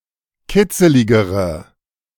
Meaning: inflection of kitzelig: 1. strong/mixed nominative/accusative feminine singular comparative degree 2. strong nominative/accusative plural comparative degree
- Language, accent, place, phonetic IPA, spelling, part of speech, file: German, Germany, Berlin, [ˈkɪt͡səlɪɡəʁə], kitzeligere, adjective, De-kitzeligere.ogg